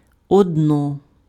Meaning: nominative/accusative/vocative neuter singular of оди́н (odýn)
- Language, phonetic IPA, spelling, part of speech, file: Ukrainian, [ɔdˈnɔ], одно, numeral, Uk-одно.ogg